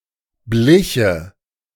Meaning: first/third-person singular subjunctive II of bleichen
- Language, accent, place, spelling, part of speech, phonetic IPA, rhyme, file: German, Germany, Berlin, bliche, verb, [ˈblɪçə], -ɪçə, De-bliche.ogg